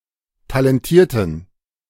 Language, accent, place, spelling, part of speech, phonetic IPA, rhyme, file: German, Germany, Berlin, talentierten, adjective, [talɛnˈtiːɐ̯tn̩], -iːɐ̯tn̩, De-talentierten.ogg
- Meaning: inflection of talentiert: 1. strong genitive masculine/neuter singular 2. weak/mixed genitive/dative all-gender singular 3. strong/weak/mixed accusative masculine singular 4. strong dative plural